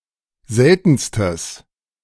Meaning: strong/mixed nominative/accusative neuter singular superlative degree of selten
- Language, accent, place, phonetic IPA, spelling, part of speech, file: German, Germany, Berlin, [ˈzɛltn̩stəs], seltenstes, adjective, De-seltenstes.ogg